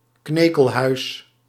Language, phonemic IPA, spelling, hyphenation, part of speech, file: Dutch, /ˈkneː.kəlˌɦœy̯s/, knekelhuis, kne‧kel‧huis, noun, Nl-knekelhuis.ogg
- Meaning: building where disinterred (human) bones are stored, usually at a cemetery; bonehouse, charnel house